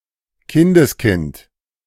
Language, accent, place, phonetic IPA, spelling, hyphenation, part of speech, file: German, Germany, Berlin, [ˈkɪndəsˌkɪnt], Kindeskind, Kin‧des‧kind, noun, De-Kindeskind.ogg
- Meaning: grandchild